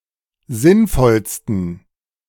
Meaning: 1. superlative degree of sinnvoll 2. inflection of sinnvoll: strong genitive masculine/neuter singular superlative degree
- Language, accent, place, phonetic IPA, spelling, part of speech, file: German, Germany, Berlin, [ˈzɪnˌfɔlstn̩], sinnvollsten, adjective, De-sinnvollsten.ogg